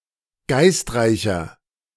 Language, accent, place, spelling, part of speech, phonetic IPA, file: German, Germany, Berlin, geistreicher, adjective, [ˈɡaɪ̯stˌʁaɪ̯çɐ], De-geistreicher.ogg
- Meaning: 1. comparative degree of geistreich 2. inflection of geistreich: strong/mixed nominative masculine singular 3. inflection of geistreich: strong genitive/dative feminine singular